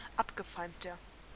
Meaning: 1. comparative degree of abgefeimt 2. inflection of abgefeimt: strong/mixed nominative masculine singular 3. inflection of abgefeimt: strong genitive/dative feminine singular
- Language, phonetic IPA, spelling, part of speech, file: German, [ˈapɡəˌfaɪ̯mtɐ], abgefeimter, adjective, De-abgefeimter.ogg